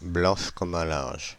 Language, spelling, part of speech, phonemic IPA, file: French, blanche comme un linge, adjective, /blɑ̃ʃ kɔm œ̃ lɛ̃ʒ/, Fr-blanche comme un linge.ogg
- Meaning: feminine singular of blanc comme un linge